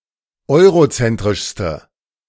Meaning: inflection of eurozentrisch: 1. strong/mixed nominative/accusative feminine singular superlative degree 2. strong nominative/accusative plural superlative degree
- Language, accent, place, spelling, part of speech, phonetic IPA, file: German, Germany, Berlin, eurozentrischste, adjective, [ˈɔɪ̯ʁoˌt͡sɛntʁɪʃstə], De-eurozentrischste.ogg